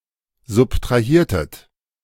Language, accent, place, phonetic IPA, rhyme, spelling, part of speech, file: German, Germany, Berlin, [zʊptʁaˈhiːɐ̯tət], -iːɐ̯tət, subtrahiertet, verb, De-subtrahiertet.ogg
- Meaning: inflection of subtrahieren: 1. second-person plural preterite 2. second-person plural subjunctive II